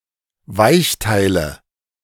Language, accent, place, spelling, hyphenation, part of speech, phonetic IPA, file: German, Germany, Berlin, Weichteile, Weich‧tei‧le, noun, [ˈvaɪ̯çˌtaɪ̯lə], De-Weichteile.ogg
- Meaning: 1. soft tissue 2. private parts